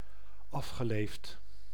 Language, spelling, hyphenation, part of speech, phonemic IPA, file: Dutch, afgeleefd, af‧ge‧leefd, adjective, /ˈɑf.xəˌleːft/, Nl-afgeleefd.ogg
- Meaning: 1. decrepit, worn with age 2. burned out, worn-out